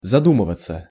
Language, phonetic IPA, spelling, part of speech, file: Russian, [zɐˈdumɨvət͡sə], задумываться, verb, Ru-задумываться.ogg
- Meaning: 1. to think, to meditate, to reflect 2. to wonder, to muse 3. to begin to think, to be engrossed in thoughts 4. to hesitate 5. passive of заду́мывать (zadúmyvatʹ)